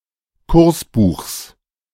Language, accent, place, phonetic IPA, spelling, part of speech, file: German, Germany, Berlin, [ˈkʊʁsˌbuːxs], Kursbuchs, noun, De-Kursbuchs.ogg
- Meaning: genitive singular of Kursbuch